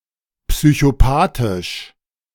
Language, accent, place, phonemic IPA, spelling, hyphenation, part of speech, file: German, Germany, Berlin, /psyçoˈpaːtɪʃ/, psychopathisch, psy‧cho‧pa‧thisch, adjective, De-psychopathisch.ogg
- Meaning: psychopathic